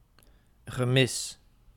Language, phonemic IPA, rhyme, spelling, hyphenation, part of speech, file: Dutch, /ɣəˈmɪs/, -ɪs, gemis, gemis, noun, Nl-gemis.ogg
- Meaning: 1. lack, absence; in particular one that is strongly felt emotionally 2. loss, especially a very emotional loss